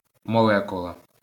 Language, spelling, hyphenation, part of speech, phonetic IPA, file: Ukrainian, молекула, мо‧ле‧ку‧ла, noun, [mɔˈɫɛkʊɫɐ], LL-Q8798 (ukr)-молекула.wav
- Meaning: molecule